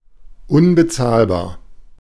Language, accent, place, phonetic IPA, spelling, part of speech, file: German, Germany, Berlin, [ˈʊnbəˌt͡saːlbaːɐ̯], unbezahlbar, adjective, De-unbezahlbar.ogg
- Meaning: 1. unaffordable 2. priceless, invaluable